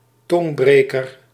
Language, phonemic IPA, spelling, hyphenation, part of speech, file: Dutch, /ˈtɔŋbreːkər/, tongbreker, tong‧bre‧ker, noun, Nl-tongbreker.ogg
- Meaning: tongue-twister